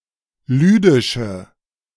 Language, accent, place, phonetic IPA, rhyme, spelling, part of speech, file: German, Germany, Berlin, [ˈlyːdɪʃə], -yːdɪʃə, lüdische, adjective, De-lüdische.ogg
- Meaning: inflection of lüdisch: 1. strong/mixed nominative/accusative feminine singular 2. strong nominative/accusative plural 3. weak nominative all-gender singular 4. weak accusative feminine/neuter singular